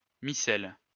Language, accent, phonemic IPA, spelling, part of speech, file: French, France, /mi.sɛl/, micelle, noun, LL-Q150 (fra)-micelle.wav
- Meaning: micelle